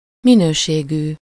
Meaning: of or relating to quality
- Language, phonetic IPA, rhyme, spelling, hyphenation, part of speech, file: Hungarian, [ˈminøːʃeːɡyː], -ɡyː, minőségű, mi‧nő‧sé‧gű, adjective, Hu-minőségű.ogg